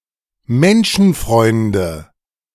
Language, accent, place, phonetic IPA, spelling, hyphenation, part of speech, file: German, Germany, Berlin, [ˈmɛnʃn̩fʁɔʏndə], Menschenfreunde, Men‧schen‧freun‧de, noun, De-Menschenfreunde.ogg
- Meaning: nominative/accusative/genitive plural of Menschenfreund